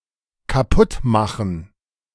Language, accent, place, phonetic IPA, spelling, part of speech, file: German, Germany, Berlin, [kaˈpʊtˌmaxn̩], kaputtmachen, verb, De-kaputtmachen.ogg
- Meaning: 1. to break 2. to spoil, ruin, damage, destroy